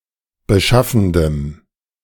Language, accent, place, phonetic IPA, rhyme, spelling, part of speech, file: German, Germany, Berlin, [bəˈʃafn̩dəm], -afn̩dəm, beschaffendem, adjective, De-beschaffendem.ogg
- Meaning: strong dative masculine/neuter singular of beschaffend